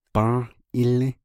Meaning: it is worth, it costs, it is valuable, it is of value
- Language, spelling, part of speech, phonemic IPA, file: Navajo, bą́ą́h ílį́, phrase, /pɑ̃́ːh ʔɪ́lĩ́/, Nv-bą́ą́h ílį́.ogg